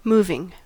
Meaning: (adjective) 1. That moves or move 2. Causing or evoking deep emotions; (verb) present participle and gerund of move
- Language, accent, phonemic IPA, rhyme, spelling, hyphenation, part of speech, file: English, US, /ˈmuːvɪŋ/, -uːvɪŋ, moving, mov‧ing, adjective / verb / noun, En-us-moving.ogg